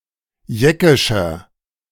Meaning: inflection of jeckisch: 1. strong/mixed nominative masculine singular 2. strong genitive/dative feminine singular 3. strong genitive plural
- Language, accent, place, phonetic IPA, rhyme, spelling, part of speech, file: German, Germany, Berlin, [ˈjɛkɪʃɐ], -ɛkɪʃɐ, jeckischer, adjective, De-jeckischer.ogg